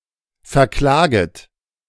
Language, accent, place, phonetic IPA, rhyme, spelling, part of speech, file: German, Germany, Berlin, [fɛɐ̯ˈklaːɡət], -aːɡət, verklaget, verb, De-verklaget.ogg
- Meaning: second-person plural subjunctive I of verklagen